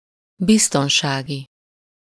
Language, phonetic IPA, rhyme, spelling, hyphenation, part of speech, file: Hungarian, [ˈbistonʃaːɡi], -ɡi, biztonsági, biz‧ton‧sá‧gi, adjective, Hu-biztonsági.ogg
- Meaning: of or relating to safety, security